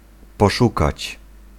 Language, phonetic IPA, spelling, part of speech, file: Polish, [pɔˈʃukat͡ɕ], poszukać, verb, Pl-poszukać.ogg